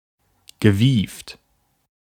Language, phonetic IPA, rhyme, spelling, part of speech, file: German, [ɡəˈviːft], -iːft, gewieft, adjective, De-gewieft.ogg
- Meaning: cunning